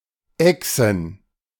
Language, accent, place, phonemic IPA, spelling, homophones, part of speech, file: German, Germany, Berlin, /ˈɛksən/, Echsen, exen / Exen, noun, De-Echsen.ogg
- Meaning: plural of Echse